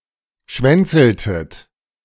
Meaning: inflection of schwänzeln: 1. second-person plural preterite 2. second-person plural subjunctive II
- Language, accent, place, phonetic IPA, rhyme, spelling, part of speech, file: German, Germany, Berlin, [ˈʃvɛnt͡sl̩tət], -ɛnt͡sl̩tət, schwänzeltet, verb, De-schwänzeltet.ogg